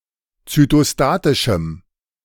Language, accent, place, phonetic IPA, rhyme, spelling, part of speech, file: German, Germany, Berlin, [t͡sytoˈstaːtɪʃm̩], -aːtɪʃm̩, zytostatischem, adjective, De-zytostatischem.ogg
- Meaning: strong dative masculine/neuter singular of zytostatisch